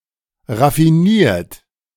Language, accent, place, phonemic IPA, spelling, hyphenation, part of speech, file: German, Germany, Berlin, /ʁafiˈniːɐ̯t/, raffiniert, raf‧fi‧niert, verb / adjective, De-raffiniert.ogg
- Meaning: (verb) past participle of raffinieren; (adjective) 1. refined 2. clever, cunning 3. sophisticated; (verb) inflection of raffinieren: 1. third-person singular present 2. second-person plural present